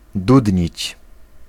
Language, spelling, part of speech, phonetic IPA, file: Polish, dudnić, verb, [ˈdudʲɲit͡ɕ], Pl-dudnić.ogg